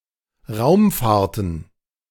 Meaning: plural of Raumfahrt
- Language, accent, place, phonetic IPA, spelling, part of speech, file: German, Germany, Berlin, [ˈʁaʊ̯mˌfaːɐ̯tn̩], Raumfahrten, noun, De-Raumfahrten.ogg